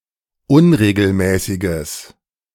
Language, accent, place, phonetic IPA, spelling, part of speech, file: German, Germany, Berlin, [ˈʊnʁeːɡl̩ˌmɛːsɪɡəs], unregelmäßiges, adjective, De-unregelmäßiges.ogg
- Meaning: strong/mixed nominative/accusative neuter singular of unregelmäßig